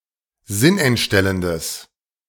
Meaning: strong/mixed nominative/accusative neuter singular of sinnentstellend
- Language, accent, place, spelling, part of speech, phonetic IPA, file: German, Germany, Berlin, sinnentstellendes, adjective, [ˈzɪnʔɛntˌʃtɛləndəs], De-sinnentstellendes.ogg